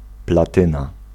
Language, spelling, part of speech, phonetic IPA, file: Polish, platyna, noun, [plaˈtɨ̃na], Pl-platyna.ogg